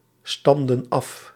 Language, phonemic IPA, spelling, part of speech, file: Dutch, /ˈstɑmdə(n) ˈɑf/, stamden af, verb, Nl-stamden af.ogg
- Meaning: inflection of afstammen: 1. plural past indicative 2. plural past subjunctive